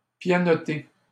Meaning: 1. to play the piano poorly 2. to drum the fingers 3. to type (use a computer keyboard), to type away at
- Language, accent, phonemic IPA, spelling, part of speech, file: French, Canada, /pja.nɔ.te/, pianoter, verb, LL-Q150 (fra)-pianoter.wav